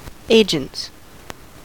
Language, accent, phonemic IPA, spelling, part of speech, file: English, US, /ˈeɪ.d͡ʒənts/, agents, noun, En-us-agents.ogg
- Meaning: plural of agent